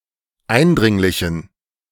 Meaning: inflection of eindringlich: 1. strong genitive masculine/neuter singular 2. weak/mixed genitive/dative all-gender singular 3. strong/weak/mixed accusative masculine singular 4. strong dative plural
- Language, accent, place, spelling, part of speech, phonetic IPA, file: German, Germany, Berlin, eindringlichen, adjective, [ˈaɪ̯nˌdʁɪŋlɪçn̩], De-eindringlichen.ogg